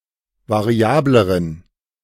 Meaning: inflection of variabel: 1. strong genitive masculine/neuter singular comparative degree 2. weak/mixed genitive/dative all-gender singular comparative degree
- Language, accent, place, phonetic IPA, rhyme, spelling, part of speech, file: German, Germany, Berlin, [vaˈʁi̯aːbləʁən], -aːbləʁən, variableren, adjective, De-variableren.ogg